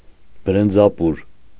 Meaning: rice and potato soup, garnished with coriander
- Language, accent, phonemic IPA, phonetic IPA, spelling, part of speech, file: Armenian, Eastern Armenian, /bəɾənd͡zɑˈpuɾ/, [bəɾənd͡zɑpúɾ], բրնձապուր, noun, Hy-բրնձապուր.ogg